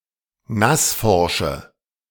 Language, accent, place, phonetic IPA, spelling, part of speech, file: German, Germany, Berlin, [ˈnasˌfɔʁʃə], nassforsche, adjective, De-nassforsche.ogg
- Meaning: inflection of nassforsch: 1. strong/mixed nominative/accusative feminine singular 2. strong nominative/accusative plural 3. weak nominative all-gender singular